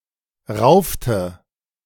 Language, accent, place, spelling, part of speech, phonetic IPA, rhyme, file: German, Germany, Berlin, raufte, verb, [ˈʁaʊ̯ftə], -aʊ̯ftə, De-raufte.ogg
- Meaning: inflection of raufen: 1. first/third-person singular preterite 2. first/third-person singular subjunctive II